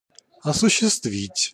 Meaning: 1. to realize, to accomplish, to fulfill, to put into practice 2. to carry out, to implement 3. to exercise (in terms of rights or control)
- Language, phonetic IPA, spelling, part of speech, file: Russian, [ɐsʊɕːɪstˈvʲitʲ], осуществить, verb, Ru-осуществить.ogg